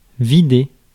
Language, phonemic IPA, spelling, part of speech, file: French, /vi.de/, vider, verb, Fr-vider.ogg
- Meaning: 1. to empty, to empty out 2. to gut (e.g. a fish)